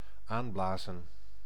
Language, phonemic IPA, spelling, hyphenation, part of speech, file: Dutch, /ˈaːnˌblaː.zə(n)/, aanblazen, aan‧bla‧zen, verb, Nl-aanblazen.ogg
- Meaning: 1. to kindle by means of breath or wind 2. to incite, to kindle 3. to inspire